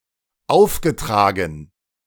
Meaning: past participle of auftragen - assigned
- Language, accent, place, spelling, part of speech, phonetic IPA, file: German, Germany, Berlin, aufgetragen, verb, [ˈaʊ̯fɡəˌtʁaːɡn̩], De-aufgetragen.ogg